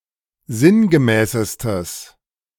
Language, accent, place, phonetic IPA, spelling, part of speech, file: German, Germany, Berlin, [ˈzɪnɡəˌmɛːsəstəs], sinngemäßestes, adjective, De-sinngemäßestes.ogg
- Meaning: strong/mixed nominative/accusative neuter singular superlative degree of sinngemäß